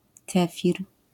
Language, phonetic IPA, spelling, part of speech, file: Polish, [ˈkɛfʲir], kefir, noun, LL-Q809 (pol)-kefir.wav